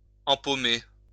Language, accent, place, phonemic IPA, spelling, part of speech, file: French, France, Lyon, /ɑ̃.po.me/, empaumer, verb, LL-Q150 (fra)-empaumer.wav
- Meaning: to grasp